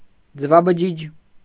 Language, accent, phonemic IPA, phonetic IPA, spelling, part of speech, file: Armenian, Eastern Armenian, /d͡zəvɑbəˈd͡ʒid͡ʒ/, [d͡zəvɑbəd͡ʒíd͡ʒ], ձվաբջիջ, noun, Hy-ձվաբջիջ.ogg
- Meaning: ovum